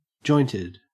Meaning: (adjective) 1. Having joints 2. Extremely full of people, packed, chockablock; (verb) simple past and past participle of joint
- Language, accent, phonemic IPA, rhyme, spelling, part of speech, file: English, Australia, /ˈd͡ʒɔɪntɪd/, -ɔɪntɪd, jointed, adjective / verb, En-au-jointed.ogg